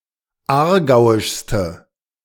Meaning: inflection of aargauisch: 1. strong/mixed nominative/accusative feminine singular superlative degree 2. strong nominative/accusative plural superlative degree
- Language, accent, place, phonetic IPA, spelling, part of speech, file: German, Germany, Berlin, [ˈaːɐ̯ˌɡaʊ̯ɪʃstə], aargauischste, adjective, De-aargauischste.ogg